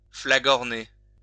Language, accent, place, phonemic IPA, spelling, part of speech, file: French, France, Lyon, /fla.ɡɔʁ.ne/, flagorner, verb, LL-Q150 (fra)-flagorner.wav
- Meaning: to flatter coarsely; to toady